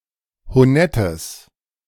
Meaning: strong/mixed nominative/accusative neuter singular of honett
- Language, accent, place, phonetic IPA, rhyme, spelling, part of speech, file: German, Germany, Berlin, [hoˈnɛtəs], -ɛtəs, honettes, adjective, De-honettes.ogg